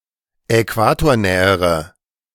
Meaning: inflection of äquatornah: 1. strong/mixed nominative/accusative feminine singular comparative degree 2. strong nominative/accusative plural comparative degree
- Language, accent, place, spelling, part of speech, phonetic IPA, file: German, Germany, Berlin, äquatornähere, adjective, [ɛˈkvaːtoːɐ̯ˌnɛːəʁə], De-äquatornähere.ogg